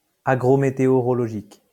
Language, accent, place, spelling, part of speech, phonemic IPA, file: French, France, Lyon, agrométéorologique, adjective, /a.ɡʁo.me.te.ɔ.ʁɔ.lɔ.ʒik/, LL-Q150 (fra)-agrométéorologique.wav
- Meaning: agrometeorological